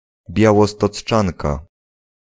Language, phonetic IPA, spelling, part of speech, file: Polish, [ˌbʲjawɔstɔt͡sˈt͡ʃãnka], Białostocczanka, noun, Pl-Białostocczanka.ogg